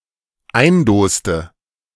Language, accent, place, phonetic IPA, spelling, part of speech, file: German, Germany, Berlin, [ˈaɪ̯nˌdoːstə], eindoste, verb, De-eindoste.ogg
- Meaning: inflection of eindosen: 1. first/third-person singular dependent preterite 2. first/third-person singular dependent subjunctive II